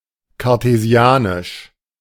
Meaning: Cartesian
- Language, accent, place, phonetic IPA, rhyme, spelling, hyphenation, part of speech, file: German, Germany, Berlin, [kaʁteˈzi̯aːnɪʃ], -aːnɪʃ, cartesianisch, car‧te‧si‧a‧nisch, adjective, De-cartesianisch.ogg